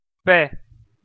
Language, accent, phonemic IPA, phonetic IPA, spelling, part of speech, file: Armenian, Eastern Armenian, /pe/, [pe], պե, noun, Hy-EA-պե.ogg
- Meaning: the name of the Armenian letter պ (p)